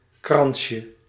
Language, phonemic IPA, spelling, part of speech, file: Dutch, /ˈkrɑnʃə/, kransje, noun, Nl-kransje.ogg
- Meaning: diminutive of krans